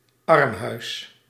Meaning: alternative form of armenhuis
- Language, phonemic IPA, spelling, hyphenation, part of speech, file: Dutch, /ˈɑrm.ɦœy̯s/, armhuis, arm‧huis, noun, Nl-armhuis.ogg